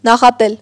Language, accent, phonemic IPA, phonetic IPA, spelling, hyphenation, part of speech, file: Armenian, Eastern Armenian, /nɑχɑˈtel/, [nɑχɑtél], նախատել, նա‧խա‧տել, verb, Hy-նախատել.ogg
- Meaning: to reproach, to blame, to censure